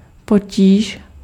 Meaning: difficulty, problem
- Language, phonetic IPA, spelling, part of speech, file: Czech, [ˈpociːʃ], potíž, noun, Cs-potíž.ogg